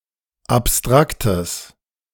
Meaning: strong/mixed nominative/accusative neuter singular of abstrakt
- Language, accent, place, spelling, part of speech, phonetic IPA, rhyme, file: German, Germany, Berlin, abstraktes, adjective, [apˈstʁaktəs], -aktəs, De-abstraktes.ogg